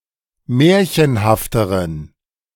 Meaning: inflection of märchenhaft: 1. strong genitive masculine/neuter singular comparative degree 2. weak/mixed genitive/dative all-gender singular comparative degree
- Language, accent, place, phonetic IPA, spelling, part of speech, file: German, Germany, Berlin, [ˈmɛːɐ̯çənhaftəʁən], märchenhafteren, adjective, De-märchenhafteren.ogg